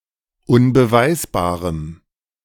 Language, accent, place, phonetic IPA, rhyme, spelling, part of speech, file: German, Germany, Berlin, [ʊnbəˈvaɪ̯sbaːʁəm], -aɪ̯sbaːʁəm, unbeweisbarem, adjective, De-unbeweisbarem.ogg
- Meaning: strong dative masculine/neuter singular of unbeweisbar